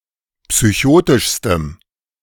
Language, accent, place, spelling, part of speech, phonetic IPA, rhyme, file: German, Germany, Berlin, psychotischstem, adjective, [psyˈçoːtɪʃstəm], -oːtɪʃstəm, De-psychotischstem.ogg
- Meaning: strong dative masculine/neuter singular superlative degree of psychotisch